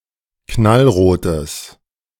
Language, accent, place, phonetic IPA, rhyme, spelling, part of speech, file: German, Germany, Berlin, [ˌknalˈʁoːtəs], -oːtəs, knallrotes, adjective, De-knallrotes.ogg
- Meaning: strong/mixed nominative/accusative neuter singular of knallrot